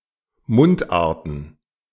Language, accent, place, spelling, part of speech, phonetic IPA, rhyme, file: German, Germany, Berlin, Mundarten, noun, [ˈmʊntˌʔaːɐ̯tn̩], -ʊntʔaːɐ̯tn̩, De-Mundarten.ogg
- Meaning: plural of Mundart